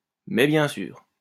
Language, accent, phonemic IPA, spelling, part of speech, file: French, France, /mɛ bjɛ̃ syʁ/, mais bien sûr, interjection, LL-Q150 (fra)-mais bien sûr.wav
- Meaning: 1. but of course! 2. yeah, right! as if!